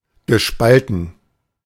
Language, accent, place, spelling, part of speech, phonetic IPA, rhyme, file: German, Germany, Berlin, gespalten, adjective / verb, [ɡəˈʃpaltn̩], -altn̩, De-gespalten.ogg
- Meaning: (verb) past participle of spalten; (adjective) per pale